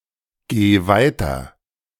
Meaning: singular imperative of weitergehen
- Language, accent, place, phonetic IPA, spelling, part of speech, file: German, Germany, Berlin, [ˌɡeː ˈvaɪ̯tɐ], geh weiter, verb, De-geh weiter.ogg